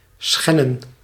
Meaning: alternative form of schenden
- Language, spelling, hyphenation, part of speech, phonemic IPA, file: Dutch, schennen, schen‧nen, verb, /ˈsxɛ.nə(n)/, Nl-schennen.ogg